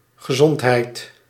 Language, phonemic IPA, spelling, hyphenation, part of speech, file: Dutch, /ɣəˈzɔntˌɦɛi̯t/, gezondheid, ge‧zond‧heid, noun / interjection, Nl-gezondheid.ogg
- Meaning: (noun) health; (interjection) gesundheit, bless you